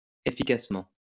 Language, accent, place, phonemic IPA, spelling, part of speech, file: French, France, Lyon, /e.fi.kas.mɑ̃/, efficacement, adverb, LL-Q150 (fra)-efficacement.wav
- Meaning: efficiently; effectively